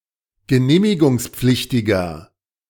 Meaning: inflection of genehmigungspflichtig: 1. strong/mixed nominative masculine singular 2. strong genitive/dative feminine singular 3. strong genitive plural
- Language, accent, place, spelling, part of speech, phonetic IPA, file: German, Germany, Berlin, genehmigungspflichtiger, adjective, [ɡəˈneːmɪɡʊŋsˌp͡flɪçtɪɡɐ], De-genehmigungspflichtiger.ogg